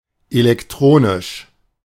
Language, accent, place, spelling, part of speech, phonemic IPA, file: German, Germany, Berlin, elektronisch, adjective, /elɛkˈtʁoːnɪʃ/, De-elektronisch.ogg
- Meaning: electronic